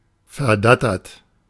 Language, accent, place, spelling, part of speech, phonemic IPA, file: German, Germany, Berlin, verdattert, verb / adjective, /fɛɐ̯ˈdatɐt/, De-verdattert.ogg
- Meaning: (verb) past participle of verdattern; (adjective) stunned, dazed, befuddled, flabbergasted